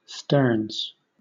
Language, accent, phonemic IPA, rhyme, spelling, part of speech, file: English, Southern England, /ˈstɜː(ɹ)nz/, -ɜː(ɹ)nz, sterns, noun, LL-Q1860 (eng)-sterns.wav
- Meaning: plural of stern